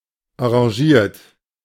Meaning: angry, furious
- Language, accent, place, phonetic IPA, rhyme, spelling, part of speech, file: German, Germany, Berlin, [ɑ̃ʁaˈʒiːɐ̯t], -iːɐ̯t, enragiert, adjective, De-enragiert.ogg